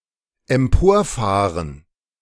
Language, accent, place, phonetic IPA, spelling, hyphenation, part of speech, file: German, Germany, Berlin, [ɛmˈpoːɐ̯ˌfaːʁən], emporfahren, em‧por‧fah‧ren, verb, De-emporfahren.ogg
- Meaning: 1. to drive up 2. to startle